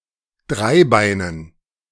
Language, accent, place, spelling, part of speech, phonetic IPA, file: German, Germany, Berlin, Dreibeinen, noun, [ˈdʁaɪ̯ˌbaɪ̯nən], De-Dreibeinen.ogg
- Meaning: dative plural of Dreibein